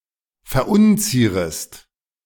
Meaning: second-person singular subjunctive I of verunzieren
- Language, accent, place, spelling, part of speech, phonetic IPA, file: German, Germany, Berlin, verunzierest, verb, [fɛɐ̯ˈʔʊnˌt͡siːʁəst], De-verunzierest.ogg